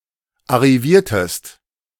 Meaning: inflection of arrivieren: 1. second-person singular preterite 2. second-person singular subjunctive II
- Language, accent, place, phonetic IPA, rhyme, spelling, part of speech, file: German, Germany, Berlin, [aʁiˈviːɐ̯təst], -iːɐ̯təst, arriviertest, verb, De-arriviertest.ogg